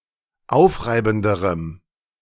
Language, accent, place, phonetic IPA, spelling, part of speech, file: German, Germany, Berlin, [ˈaʊ̯fˌʁaɪ̯bn̩dəʁəm], aufreibenderem, adjective, De-aufreibenderem.ogg
- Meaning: strong dative masculine/neuter singular comparative degree of aufreibend